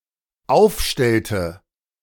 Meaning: inflection of aufstellen: 1. first/third-person singular dependent preterite 2. first/third-person singular dependent subjunctive II
- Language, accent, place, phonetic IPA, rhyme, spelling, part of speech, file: German, Germany, Berlin, [ˈaʊ̯fˌʃtɛltə], -aʊ̯fʃtɛltə, aufstellte, verb, De-aufstellte.ogg